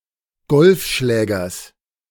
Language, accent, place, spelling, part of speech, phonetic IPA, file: German, Germany, Berlin, Golfschlägers, noun, [ˈɡɔlfˌʃlɛːɡɐs], De-Golfschlägers.ogg
- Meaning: genitive singular of Golfschläger